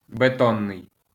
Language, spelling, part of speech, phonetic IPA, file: Ukrainian, бетонний, adjective, [beˈtɔnːei̯], LL-Q8798 (ukr)-бетонний.wav
- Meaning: 1. concrete (attributive) (of or pertaining to concrete) 2. concrete (made of concrete)